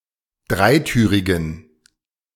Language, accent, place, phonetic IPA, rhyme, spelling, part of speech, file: German, Germany, Berlin, [ˈdʁaɪ̯ˌtyːʁɪɡn̩], -aɪ̯tyːʁɪɡn̩, dreitürigen, adjective, De-dreitürigen.ogg
- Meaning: inflection of dreitürig: 1. strong genitive masculine/neuter singular 2. weak/mixed genitive/dative all-gender singular 3. strong/weak/mixed accusative masculine singular 4. strong dative plural